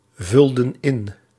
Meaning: inflection of invullen: 1. plural past indicative 2. plural past subjunctive
- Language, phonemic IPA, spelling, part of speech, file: Dutch, /ˈvʏldə(n) ˈɪn/, vulden in, verb, Nl-vulden in.ogg